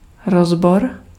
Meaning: analysis
- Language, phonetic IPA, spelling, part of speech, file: Czech, [ˈrozbor], rozbor, noun, Cs-rozbor.ogg